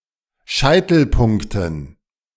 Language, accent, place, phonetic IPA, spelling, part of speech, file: German, Germany, Berlin, [ˈʃaɪ̯tl̩ˌpʊŋktn̩], Scheitelpunkten, noun, De-Scheitelpunkten.ogg
- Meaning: dative plural of Scheitelpunkt